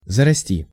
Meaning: 1. to be overgrown, to be covered with vegetation, to hair, to fur, etc 2. to heal, to skin over (of a wound)
- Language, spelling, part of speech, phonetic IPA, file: Russian, зарасти, verb, [zərɐˈsʲtʲi], Ru-зарасти.ogg